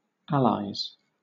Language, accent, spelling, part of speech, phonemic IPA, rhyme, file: English, Southern England, Allies, proper noun, /ˈælaɪz/, -ælaɪz, LL-Q1860 (eng)-Allies.wav
- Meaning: The countries allied against the Central Powers during World War I, including especially the United Kingdom, the Russian Empire, and France